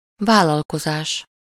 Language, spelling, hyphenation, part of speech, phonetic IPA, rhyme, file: Hungarian, vállalkozás, vál‧lal‧ko‧zás, noun, [ˈvaːlːɒlkozaːʃ], -aːʃ, Hu-vállalkozás.ogg
- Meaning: enterprise, venture, business